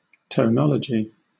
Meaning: 1. The study of tone in human languages 2. The system of rules governing tones in a particular language
- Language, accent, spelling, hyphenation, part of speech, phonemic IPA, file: English, Southern England, tonology, ton‧o‧lo‧gy, noun, /tə(ʊ)ˈnɑlədʒi/, LL-Q1860 (eng)-tonology.wav